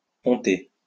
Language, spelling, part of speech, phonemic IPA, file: French, ponter, verb, /pɔ̃.te/, LL-Q150 (fra)-ponter.wav
- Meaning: 1. to build a bridge 2. to cover a boat with a deck 3. to punt, to bet